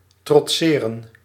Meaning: to defy, to brave, to resist
- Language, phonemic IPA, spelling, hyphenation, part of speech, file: Dutch, /ˌtrɔtˈseː.rə(n)/, trotseren, trot‧se‧ren, verb, Nl-trotseren.ogg